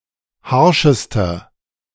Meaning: inflection of harsch: 1. strong/mixed nominative masculine singular superlative degree 2. strong genitive/dative feminine singular superlative degree 3. strong genitive plural superlative degree
- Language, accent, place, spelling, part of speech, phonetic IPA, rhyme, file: German, Germany, Berlin, harschester, adjective, [ˈhaʁʃəstɐ], -aʁʃəstɐ, De-harschester.ogg